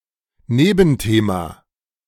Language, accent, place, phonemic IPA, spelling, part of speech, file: German, Germany, Berlin, /ˈneːbn̩ˌteːma/, Nebenthema, noun, De-Nebenthema.ogg
- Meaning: secondary theme